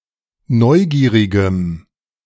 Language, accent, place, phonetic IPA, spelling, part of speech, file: German, Germany, Berlin, [ˈnɔɪ̯ˌɡiːʁɪɡəm], neugierigem, adjective, De-neugierigem.ogg
- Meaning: strong dative masculine/neuter singular of neugierig